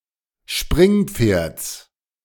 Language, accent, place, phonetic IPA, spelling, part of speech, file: German, Germany, Berlin, [ˈʃpʁɪŋˌp͡feːɐ̯t͡s], Springpferds, noun, De-Springpferds.ogg
- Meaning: genitive singular of Springpferd